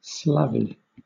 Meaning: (proper noun) The Russian Orthodox Christmas, which is celebrated from January 6 through 13 in outstate Alaska, USA, wherever there is a sizable Russian Orthodox population; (noun) plural of Slav
- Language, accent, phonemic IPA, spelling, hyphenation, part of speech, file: English, Southern England, /ˈslɒviː/, Slavi, Sla‧vi, proper noun / noun, LL-Q1860 (eng)-Slavi.wav